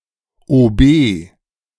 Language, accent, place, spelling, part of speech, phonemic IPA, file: German, Germany, Berlin, OB, noun, /oːˈbeː/, De-OB.ogg
- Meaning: 1. abbreviation of Oberbürgermeister 2. abbreviation of Oberbefehlshaber 3. abbreviation of Oberbootsmann